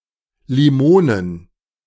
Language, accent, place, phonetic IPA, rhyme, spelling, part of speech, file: German, Germany, Berlin, [liˈmoːnən], -oːnən, Limonen, noun, De-Limonen.ogg
- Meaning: plural of Limone